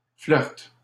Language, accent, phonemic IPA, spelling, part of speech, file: French, Canada, /flœʁt/, flirt, noun, LL-Q150 (fra)-flirt.wav
- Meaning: an episode of (or the act of) flirting